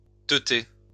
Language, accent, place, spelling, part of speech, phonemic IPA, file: French, France, Lyon, teter, verb, /tə.te/, LL-Q150 (fra)-teter.wav
- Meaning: alternative form of téter